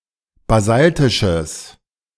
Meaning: strong/mixed nominative/accusative neuter singular of basaltisch
- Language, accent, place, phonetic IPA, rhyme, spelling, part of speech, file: German, Germany, Berlin, [baˈzaltɪʃəs], -altɪʃəs, basaltisches, adjective, De-basaltisches.ogg